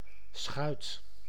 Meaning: a boat or small ship, usually a flat-bottomed one used for inland navigation or less commonly for coastal navigation; a barge
- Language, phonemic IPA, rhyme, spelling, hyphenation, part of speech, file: Dutch, /sxœy̯t/, -œy̯t, schuit, schuit, noun, Nl-schuit.ogg